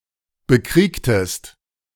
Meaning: inflection of bekriegen: 1. second-person singular preterite 2. second-person singular subjunctive II
- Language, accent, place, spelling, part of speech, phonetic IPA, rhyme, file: German, Germany, Berlin, bekriegtest, verb, [bəˈkʁiːktəst], -iːktəst, De-bekriegtest.ogg